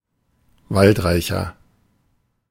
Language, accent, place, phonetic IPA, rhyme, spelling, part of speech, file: German, Germany, Berlin, [ˈvaltˌʁaɪ̯çɐ], -altʁaɪ̯çɐ, waldreicher, adjective, De-waldreicher.ogg
- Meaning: 1. comparative degree of waldreich 2. inflection of waldreich: strong/mixed nominative masculine singular 3. inflection of waldreich: strong genitive/dative feminine singular